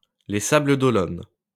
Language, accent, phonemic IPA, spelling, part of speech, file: French, France, /le sa.blə.d‿ɔ.lɔn/, Les Sables-d'Olonne, proper noun, LL-Q150 (fra)-Les Sables-d'Olonne.wav
- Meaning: Les Sables-d'Olonne (a city in Vendée department, France)